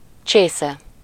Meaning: cup (a concave vessel for drinking from)
- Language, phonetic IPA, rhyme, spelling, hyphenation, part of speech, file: Hungarian, [ˈt͡ʃeːsɛ], -sɛ, csésze, csé‧sze, noun, Hu-csésze.ogg